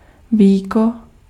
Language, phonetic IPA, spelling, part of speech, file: Czech, [ˈviːko], víko, noun, Cs-víko.ogg
- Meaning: lid